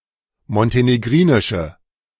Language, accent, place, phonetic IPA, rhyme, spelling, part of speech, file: German, Germany, Berlin, [mɔnteneˈɡʁiːnɪʃə], -iːnɪʃə, montenegrinische, adjective, De-montenegrinische.ogg
- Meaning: inflection of montenegrinisch: 1. strong/mixed nominative/accusative feminine singular 2. strong nominative/accusative plural 3. weak nominative all-gender singular